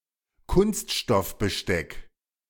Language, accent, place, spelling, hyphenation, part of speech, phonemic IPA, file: German, Germany, Berlin, Kunststoffbesteck, Kunst‧stoff‧be‧steck, noun, /ˈkʊnstʃtɔfbəˌʃtɛk/, De-Kunststoffbesteck.ogg
- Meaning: plastic cutlery